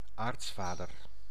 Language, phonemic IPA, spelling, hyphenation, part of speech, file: Dutch, /ˈaːrtsˌfaː.dər/, aartsvader, aarts‧va‧der, noun, Nl-aartsvader.ogg
- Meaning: 1. a Biblical patriarch; primary ancestor, notably of a tribe or people 2. a family's patriarch, most senior male ancestor 3. an ecclesiastic patriarch